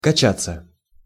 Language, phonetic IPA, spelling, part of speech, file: Russian, [kɐˈt͡ɕat͡sːə], качаться, verb, Ru-качаться.ogg
- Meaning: 1. to rock, to swing 2. to stagger, to lurch, to reel 3. to oscillate, to swing 4. to pump iron 5. passive of кача́ть (kačátʹ)